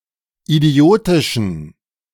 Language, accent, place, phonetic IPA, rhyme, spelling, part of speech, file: German, Germany, Berlin, [iˈdi̯oːtɪʃn̩], -oːtɪʃn̩, idiotischen, adjective, De-idiotischen.ogg
- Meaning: inflection of idiotisch: 1. strong genitive masculine/neuter singular 2. weak/mixed genitive/dative all-gender singular 3. strong/weak/mixed accusative masculine singular 4. strong dative plural